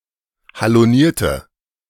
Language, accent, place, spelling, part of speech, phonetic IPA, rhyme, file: German, Germany, Berlin, halonierte, adjective, [haloˈniːɐ̯tə], -iːɐ̯tə, De-halonierte.ogg
- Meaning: inflection of haloniert: 1. strong/mixed nominative/accusative feminine singular 2. strong nominative/accusative plural 3. weak nominative all-gender singular